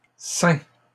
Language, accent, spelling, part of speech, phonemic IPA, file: French, Canada, ceints, verb, /sɛ̃/, LL-Q150 (fra)-ceints.wav
- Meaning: masculine plural of ceint